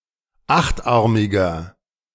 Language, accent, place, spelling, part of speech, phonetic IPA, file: German, Germany, Berlin, achtarmiger, adjective, [ˈaxtˌʔaʁmɪɡɐ], De-achtarmiger.ogg
- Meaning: inflection of achtarmig: 1. strong/mixed nominative masculine singular 2. strong genitive/dative feminine singular 3. strong genitive plural